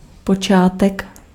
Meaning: 1. origin (of a coordinate system) 2. beginning
- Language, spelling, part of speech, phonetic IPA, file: Czech, počátek, noun, [ˈpot͡ʃaːtɛk], Cs-počátek.ogg